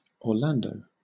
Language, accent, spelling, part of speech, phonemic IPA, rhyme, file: English, Southern England, Orlando, proper noun, /ɔːˈlæn.dəʊ/, -ændəʊ, LL-Q1860 (eng)-Orlando.wav
- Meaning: 1. A male given name from Italian 2. A surname from Italian derived from the given name 3. A city, the county seat of Orange County, Florida, United States; see Orlando, Florida